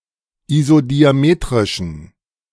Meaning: inflection of isodiametrisch: 1. strong genitive masculine/neuter singular 2. weak/mixed genitive/dative all-gender singular 3. strong/weak/mixed accusative masculine singular 4. strong dative plural
- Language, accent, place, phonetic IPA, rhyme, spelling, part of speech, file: German, Germany, Berlin, [izodiaˈmeːtʁɪʃn̩], -eːtʁɪʃn̩, isodiametrischen, adjective, De-isodiametrischen.ogg